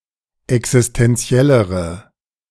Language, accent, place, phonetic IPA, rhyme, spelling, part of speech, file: German, Germany, Berlin, [ɛksɪstɛnˈt͡si̯ɛləʁə], -ɛləʁə, existenziellere, adjective, De-existenziellere.ogg
- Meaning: inflection of existenziell: 1. strong/mixed nominative/accusative feminine singular comparative degree 2. strong nominative/accusative plural comparative degree